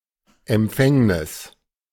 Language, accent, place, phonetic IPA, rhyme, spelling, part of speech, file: German, Germany, Berlin, [ɛmˈp͡fɛŋnɪs], -ɛŋnɪs, Empfängnis, noun, De-Empfängnis.ogg
- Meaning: conception; the act of becoming pregnant